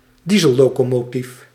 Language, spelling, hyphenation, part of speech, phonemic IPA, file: Dutch, diesellocomotief, die‧sel‧lo‧co‧mo‧tief, noun, /ˈdi.zə(l).loː.koː.moːˌtif/, Nl-diesellocomotief.ogg
- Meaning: diesel locomotive